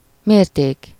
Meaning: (noun) measure; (verb) third-person plural indicative past definite of mér
- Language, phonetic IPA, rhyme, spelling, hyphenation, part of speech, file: Hungarian, [ˈmeːrteːk], -eːk, mérték, mér‧ték, noun / verb, Hu-mérték.ogg